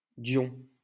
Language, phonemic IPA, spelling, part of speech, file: French, /djɔ̃/, Dion, proper noun, LL-Q150 (fra)-Dion.wav
- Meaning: a surname